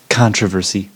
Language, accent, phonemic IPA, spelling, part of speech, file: English, US, /ˈkɑn.tɹəˌvɝ.si/, controversy, noun, En-us-controversy.ogg
- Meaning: A debate or discussion of opposing opinions; (generally) strife